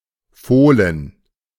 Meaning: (noun) foal, colt (young horse; young of some other species, such as camels); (proper noun) nickname of Borussia Mönchengladbach football team
- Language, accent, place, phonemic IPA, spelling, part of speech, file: German, Germany, Berlin, /ˈfoːlən/, Fohlen, noun / proper noun, De-Fohlen.ogg